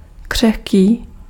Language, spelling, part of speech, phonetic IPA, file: Czech, křehký, adjective, [ˈkr̝̊ɛxkiː], Cs-křehký.ogg
- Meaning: fragile